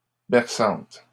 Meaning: feminine plural of berçant
- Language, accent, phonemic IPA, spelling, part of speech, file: French, Canada, /bɛʁ.sɑ̃t/, berçantes, adjective, LL-Q150 (fra)-berçantes.wav